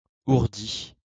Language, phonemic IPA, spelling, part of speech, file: French, /uʁ.di/, ourdie, verb, LL-Q150 (fra)-ourdie.wav
- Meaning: feminine singular of ourdi